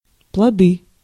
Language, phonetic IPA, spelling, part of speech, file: Russian, [pɫɐˈdɨ], плоды, noun, Ru-плоды.ogg
- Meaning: nominative/accusative plural of плод (plod)